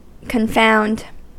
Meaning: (verb) 1. To perplex or puzzle 2. To stun or amaze 3. To fail to see the difference; to mix up; to confuse right and wrong 4. To make something worse
- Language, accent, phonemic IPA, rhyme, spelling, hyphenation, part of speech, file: English, US, /kənˈfaʊnd/, -aʊnd, confound, con‧found, verb / noun, En-us-confound.ogg